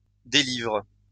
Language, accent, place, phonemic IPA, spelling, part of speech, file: French, France, Lyon, /de.livʁ/, délivre, verb, LL-Q150 (fra)-délivre.wav
- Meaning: inflection of délivrer: 1. first/third-person singular present indicative/subjunctive 2. second-person singular imperative